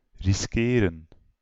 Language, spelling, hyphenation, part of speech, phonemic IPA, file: Dutch, riskeren, ris‧ke‧ren, verb, /ˌrɪsˈkeː.rə(n)/, Nl-riskeren.ogg
- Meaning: to risk